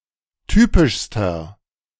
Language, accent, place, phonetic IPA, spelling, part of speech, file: German, Germany, Berlin, [ˈtyːpɪʃstɐ], typischster, adjective, De-typischster.ogg
- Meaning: inflection of typisch: 1. strong/mixed nominative masculine singular superlative degree 2. strong genitive/dative feminine singular superlative degree 3. strong genitive plural superlative degree